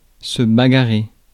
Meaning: 1. to scrap, to scuffle (have a physical fight) 2. to fight (to strive for something with lots of effort)
- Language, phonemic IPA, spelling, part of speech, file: French, /ba.ɡa.ʁe/, bagarrer, verb, Fr-bagarrer.ogg